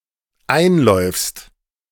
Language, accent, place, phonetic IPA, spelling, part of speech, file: German, Germany, Berlin, [ˈaɪ̯nˌlɔɪ̯fst], einläufst, verb, De-einläufst.ogg
- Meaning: second-person singular dependent present of einlaufen